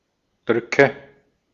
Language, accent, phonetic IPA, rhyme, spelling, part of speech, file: German, Austria, [ˈdʁʏkə], -ʏkə, Drücke, noun, De-at-Drücke.ogg
- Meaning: nominative/accusative/genitive plural of Druck